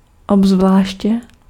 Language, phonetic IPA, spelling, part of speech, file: Czech, [ˈobzvlaːʃcɛ], obzvláště, adverb, Cs-obzvláště.ogg
- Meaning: 1. especially 2. exceptionally